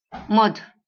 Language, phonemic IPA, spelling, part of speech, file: Marathi, /məd̪ʱ/, मध, noun, LL-Q1571 (mar)-मध.wav
- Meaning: honey